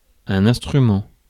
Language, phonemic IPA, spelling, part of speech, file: French, /ɛ̃s.tʁy.mɑ̃/, instrument, noun, Fr-instrument.ogg
- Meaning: 1. instrument (means or agency for achieving an effect) 2. instrument (person used as a mere tool for achieving a goal) 3. ellipsis of instrument de musique (“musical instrument”)